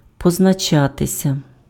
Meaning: 1. to appear, to show, to show itself, to manifest itself 2. passive of познача́ти impf (poznačáty): to be marked
- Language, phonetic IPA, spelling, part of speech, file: Ukrainian, [pɔznɐˈt͡ʃatesʲɐ], позначатися, verb, Uk-позначатися.ogg